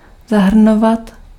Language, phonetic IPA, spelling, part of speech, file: Czech, [ˈzaɦr̩novat], zahrnovat, verb, Cs-zahrnovat.ogg
- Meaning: imperfective form of zahrnout